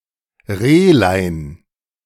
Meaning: diminutive of Reh
- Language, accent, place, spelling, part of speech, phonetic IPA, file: German, Germany, Berlin, Rehlein, noun, [ˈʁeːlaɪ̯n], De-Rehlein.ogg